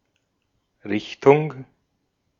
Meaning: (noun) 1. direction 2. school of thought, branch, subfield (also used in a wider sense of "type" in certain compounds)
- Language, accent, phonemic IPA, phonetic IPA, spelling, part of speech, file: German, Austria, /ˈʁɪçtʊŋ/, [ˈʁɪçtʰʊŋ], Richtung, noun / preposition, De-at-Richtung.ogg